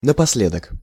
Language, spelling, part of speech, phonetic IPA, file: Russian, напоследок, adverb, [nəpɐs⁽ʲ⁾ˈlʲedək], Ru-напоследок.ogg
- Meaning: 1. in the end, finally, after all 2. ultimately